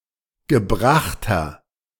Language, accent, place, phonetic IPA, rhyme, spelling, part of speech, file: German, Germany, Berlin, [ɡəˈbʁaxtɐ], -axtɐ, gebrachter, adjective, De-gebrachter.ogg
- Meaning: inflection of gebracht: 1. strong/mixed nominative masculine singular 2. strong genitive/dative feminine singular 3. strong genitive plural